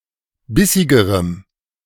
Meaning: strong dative masculine/neuter singular comparative degree of bissig
- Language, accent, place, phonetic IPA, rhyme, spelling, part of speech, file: German, Germany, Berlin, [ˈbɪsɪɡəʁəm], -ɪsɪɡəʁəm, bissigerem, adjective, De-bissigerem.ogg